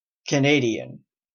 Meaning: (adjective) 1. Of, belonging to, or relating to Canada, its culture, or people 2. Of, belonging to, or relating to Canadian English 3. Of, belonging to, or relating to Canadian French
- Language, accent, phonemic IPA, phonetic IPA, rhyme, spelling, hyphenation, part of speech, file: English, Canada, /kəˈneɪ.di.ən/, [kʰəˈneɪ.ɾi.ən], -eɪdiən, Canadian, Can‧ad‧ian, adjective / noun / proper noun, En-ca-Canadian.oga